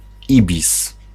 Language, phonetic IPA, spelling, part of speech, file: Polish, [ˈibʲis], ibis, noun, Pl-ibis.ogg